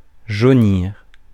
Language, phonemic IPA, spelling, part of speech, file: French, /ʒo.niʁ/, jaunir, verb, Fr-jaunir.ogg
- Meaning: 1. to go yellow, to turn yellow 2. to go yellow, to turn yellow: to ripen 3. to make yellow